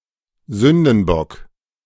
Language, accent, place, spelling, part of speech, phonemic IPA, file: German, Germany, Berlin, Sündenbock, noun, /ˈzʏndənˌbɔk/, De-Sündenbock.ogg
- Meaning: 1. scapegoat (goat imbued with the sins of the people) 2. scapegoat (someone punished for someone else's error(s))